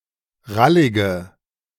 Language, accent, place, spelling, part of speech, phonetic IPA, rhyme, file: German, Germany, Berlin, rallige, adjective, [ˈʁalɪɡə], -alɪɡə, De-rallige.ogg
- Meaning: inflection of rallig: 1. strong/mixed nominative/accusative feminine singular 2. strong nominative/accusative plural 3. weak nominative all-gender singular 4. weak accusative feminine/neuter singular